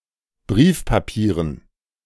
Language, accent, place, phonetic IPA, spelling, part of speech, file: German, Germany, Berlin, [ˈbʁiːfpaˌpiːʁən], Briefpapieren, noun, De-Briefpapieren.ogg
- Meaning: dative plural of Briefpapier